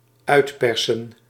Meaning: 1. to squeeze out (a fruit etc.) 2. to exploit
- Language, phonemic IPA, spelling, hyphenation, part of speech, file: Dutch, /ˈœy̯tpɛrsə(n)/, uitpersen, uit‧per‧sen, verb, Nl-uitpersen.ogg